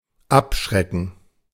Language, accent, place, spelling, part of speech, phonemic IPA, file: German, Germany, Berlin, abschrecken, verb, /ˈapˌʃʁɛkən/, De-abschrecken.ogg
- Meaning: 1. to discourage (to take away or reduce the courage of), to daunt, to repel, to scare 2. to quench (cool down rapidly by contact with water or other liquid)